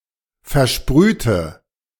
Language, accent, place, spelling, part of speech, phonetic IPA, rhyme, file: German, Germany, Berlin, versprühte, adjective / verb, [fɛɐ̯ˈʃpʁyːtə], -yːtə, De-versprühte.ogg
- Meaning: inflection of versprüht: 1. strong/mixed nominative/accusative feminine singular 2. strong nominative/accusative plural 3. weak nominative all-gender singular